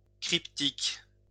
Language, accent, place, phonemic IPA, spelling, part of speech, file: French, France, Lyon, /kʁip.tik/, cryptique, adjective, LL-Q150 (fra)-cryptique.wav
- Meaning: 1. crypt (relating to crypts) 2. cryptic; recondite (difficult to understand)